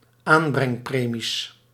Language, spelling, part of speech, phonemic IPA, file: Dutch, aanbrengpremies, noun, /ˈambrɛŋˌpremis/, Nl-aanbrengpremies.ogg
- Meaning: plural of aanbrengpremie